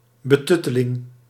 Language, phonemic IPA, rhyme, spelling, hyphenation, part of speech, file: Dutch, /bəˈtʏ.tə.lɪŋ/, -ʏtəlɪŋ, betutteling, be‧tut‧te‧ling, noun, Nl-betutteling.ogg
- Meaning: condescension